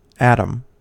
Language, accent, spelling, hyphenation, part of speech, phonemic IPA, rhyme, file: English, General American, atom, at‧om, noun, /ˈætəm/, -ætəm, En-us-atom.ogg
- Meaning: The smallest possible amount of matter which still retains its identity as a chemical element, now known to consist of a nucleus surrounded by electrons